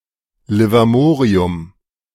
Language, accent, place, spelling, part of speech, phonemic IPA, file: German, Germany, Berlin, Livermorium, noun, /lɪvaˈmoːʁiʊm/, De-Livermorium.ogg
- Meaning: livermorium